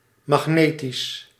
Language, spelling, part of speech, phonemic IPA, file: Dutch, magnetisch, adjective, /mɑxˈnetis/, Nl-magnetisch.ogg
- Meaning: magnetic